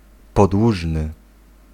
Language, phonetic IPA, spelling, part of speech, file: Polish, [pɔdˈwuʒnɨ], podłużny, adjective, Pl-podłużny.ogg